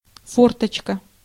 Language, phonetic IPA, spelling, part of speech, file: Russian, [ˈfortət͡ɕkə], форточка, noun, Ru-форточка.ogg
- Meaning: fortochka (a small ventilation window spanning the frame of one window pane, opening independently of the whole window)